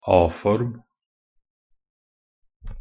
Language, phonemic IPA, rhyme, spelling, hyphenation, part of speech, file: Norwegian Bokmål, /ˈɑː.fɔrm/, -ɔrm, a-form, a-‧form, noun, Nb-a-form.ogg
- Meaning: an a-ending; the letter a used as a suffix (especially for Norwegian nouns, verbs, and adjectives)